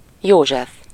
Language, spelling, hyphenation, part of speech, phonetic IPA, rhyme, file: Hungarian, József, Jó‧zsef, proper noun, [ˈjoːʒɛf], -ɛf, Hu-József.ogg
- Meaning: 1. a male given name, equivalent to English Joseph 2. Joseph (favorite son of Jacob) 3. Joseph (husband of Virgin Mary)